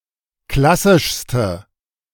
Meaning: inflection of klassisch: 1. strong/mixed nominative/accusative feminine singular superlative degree 2. strong nominative/accusative plural superlative degree
- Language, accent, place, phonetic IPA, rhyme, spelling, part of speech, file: German, Germany, Berlin, [ˈklasɪʃstə], -asɪʃstə, klassischste, adjective, De-klassischste.ogg